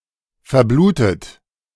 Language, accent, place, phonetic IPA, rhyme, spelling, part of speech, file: German, Germany, Berlin, [fɛɐ̯ˈbluːtət], -uːtət, verblutet, verb, De-verblutet.ogg
- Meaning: 1. past participle of verbluten 2. inflection of verbluten: third-person singular present 3. inflection of verbluten: second-person plural present